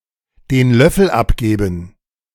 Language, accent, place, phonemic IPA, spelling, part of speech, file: German, Germany, Berlin, /deːn ˈlœfl̩ ˈapɡeːbn̩/, den Löffel abgeben, verb, De-den Löffel abgeben.ogg
- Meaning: to die; to bite the dust; to kick the bucket